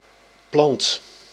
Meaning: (noun) 1. plant, any member of the kingdom Plantae 2. cabbage, vegetable (person with severe brain damage); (verb) inflection of planten: first/second/third-person singular present indicative
- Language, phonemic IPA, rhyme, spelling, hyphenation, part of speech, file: Dutch, /plɑnt/, -ɑnt, plant, plant, noun / verb, Nl-plant.ogg